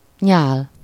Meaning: saliva
- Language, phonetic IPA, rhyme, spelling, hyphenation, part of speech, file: Hungarian, [ˈɲaːl], -aːl, nyál, nyál, noun, Hu-nyál.ogg